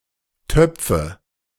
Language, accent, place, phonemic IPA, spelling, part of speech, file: German, Germany, Berlin, /ˈtœpfə/, Töpfe, noun, De-Töpfe.ogg
- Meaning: nominative/accusative/genitive plural of Topf